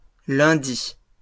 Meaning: plural of lundi
- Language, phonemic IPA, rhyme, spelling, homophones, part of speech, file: French, /lœ̃.di/, -i, lundis, lundi, noun, LL-Q150 (fra)-lundis.wav